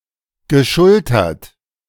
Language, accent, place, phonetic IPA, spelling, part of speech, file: German, Germany, Berlin, [ɡəˈʃʊltɐt], geschultert, verb, De-geschultert.ogg
- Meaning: past participle of schultern